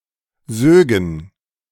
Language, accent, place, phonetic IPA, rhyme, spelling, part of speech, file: German, Germany, Berlin, [ˈzøːɡn̩], -øːɡn̩, sögen, verb, De-sögen.ogg
- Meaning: first-person plural subjunctive II of saugen